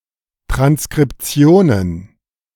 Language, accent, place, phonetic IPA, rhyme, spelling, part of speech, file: German, Germany, Berlin, [tʁanskʁɪpˈt͡si̯oːnən], -oːnən, Transkriptionen, noun, De-Transkriptionen.ogg
- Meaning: plural of Transkription